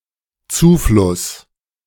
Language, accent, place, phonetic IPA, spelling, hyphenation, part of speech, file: German, Germany, Berlin, [ˈt͡suːflʊs], Zufluss, Zu‧fluss, noun, De-Zufluss.ogg
- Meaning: 1. inflow, influx 2. tributary